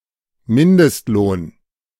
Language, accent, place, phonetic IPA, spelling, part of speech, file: German, Germany, Berlin, [ˈmɪndəstˌloːn], Mindestlohn, noun, De-Mindestlohn.ogg
- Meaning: minimum wage